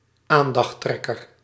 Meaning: alternative form of aandachtstrekker
- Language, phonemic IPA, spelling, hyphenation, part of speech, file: Dutch, /ˈaːn.dɑxˌtrɛ.kər/, aandachttrekker, aan‧dacht‧trek‧ker, noun, Nl-aandachttrekker.ogg